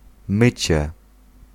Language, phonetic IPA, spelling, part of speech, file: Polish, [ˈmɨt͡ɕɛ], mycie, noun, Pl-mycie.ogg